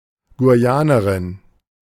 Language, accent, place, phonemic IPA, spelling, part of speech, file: German, Germany, Berlin, /ɡuˈjaːnəʁɪn/, Guyanerin, noun, De-Guyanerin.ogg
- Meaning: female equivalent of Guyaner (“Guyanese”)